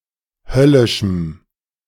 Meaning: strong dative masculine/neuter singular of höllisch
- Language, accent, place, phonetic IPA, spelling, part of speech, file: German, Germany, Berlin, [ˈhœlɪʃm̩], höllischem, adjective, De-höllischem.ogg